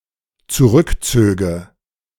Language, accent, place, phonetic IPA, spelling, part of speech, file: German, Germany, Berlin, [t͡suˈʁʏkˌt͡søːɡə], zurückzöge, verb, De-zurückzöge.ogg
- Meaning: first/third-person singular dependent subjunctive II of zurückziehen